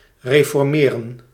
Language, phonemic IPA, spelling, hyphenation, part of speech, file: Dutch, /ˌreː.fɔrˈmeː.rə(n)/, reformeren, re‧for‧me‧ren, verb, Nl-reformeren.ogg
- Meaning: 1. to reform 2. to reform along Protestant lines 3. to reorganise, to reform, to regroup